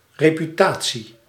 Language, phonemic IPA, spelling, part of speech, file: Dutch, /reː.pyˈtaː.tsi/, reputatie, noun, Nl-reputatie.ogg
- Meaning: reputation